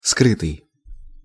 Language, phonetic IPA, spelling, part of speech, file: Russian, [ˈskrɨtɨj], скрытый, verb / adjective, Ru-скрытый.ogg
- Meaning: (verb) past passive perfective participle of скрыть (skrytʹ); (adjective) 1. concealed, hidden 2. latent 3. secret 4. covert